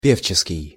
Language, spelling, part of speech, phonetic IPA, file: Russian, певческий, adjective, [ˈpʲeft͡ɕɪskʲɪj], Ru-певческий.ogg
- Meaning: singing, singer